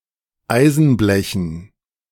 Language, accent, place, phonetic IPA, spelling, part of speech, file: German, Germany, Berlin, [ˈaɪ̯zn̩ˌblɛçn̩], Eisenblechen, noun, De-Eisenblechen.ogg
- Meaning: dative plural of Eisenblech